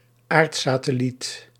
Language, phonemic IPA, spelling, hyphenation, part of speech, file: Dutch, /ˈaːrt.saː.təˌlit/, aardsatelliet, aard‧sa‧tel‧liet, noun, Nl-aardsatelliet.ogg
- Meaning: a satellite (natural or artificial) orbiting around the Earth